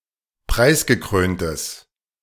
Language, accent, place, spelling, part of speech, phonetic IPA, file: German, Germany, Berlin, preisgekröntes, adjective, [ˈpʁaɪ̯sɡəˌkʁøːntəs], De-preisgekröntes.ogg
- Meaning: strong/mixed nominative/accusative neuter singular of preisgekrönt